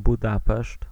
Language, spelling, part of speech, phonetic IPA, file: Polish, Budapeszt, proper noun, [buˈdapɛʃt], Pl-Budapeszt.ogg